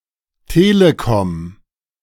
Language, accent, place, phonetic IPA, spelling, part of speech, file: German, Germany, Berlin, [ˈteːləkɔm], Telekom, noun, De-Telekom.ogg
- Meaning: telecommunications company